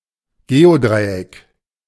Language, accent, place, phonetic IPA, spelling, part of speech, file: German, Germany, Berlin, [ˈɡeːoˌdʁaɪ̯ʔɛk], Geodreieck, noun, De-Geodreieck.ogg
- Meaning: set square (90-45-45 triangle with an integrated protractor made of clear plastic)